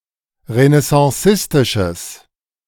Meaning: strong/mixed nominative/accusative neuter singular of renaissancistisch
- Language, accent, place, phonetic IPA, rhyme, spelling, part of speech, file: German, Germany, Berlin, [ʁənɛsɑ̃ˈsɪstɪʃəs], -ɪstɪʃəs, renaissancistisches, adjective, De-renaissancistisches.ogg